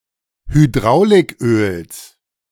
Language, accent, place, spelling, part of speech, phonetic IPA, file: German, Germany, Berlin, Hydrauliköls, noun, [hyˈdʁaʊ̯lɪkˌʔøːls], De-Hydrauliköls.ogg
- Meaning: genitive singular of Hydrauliköl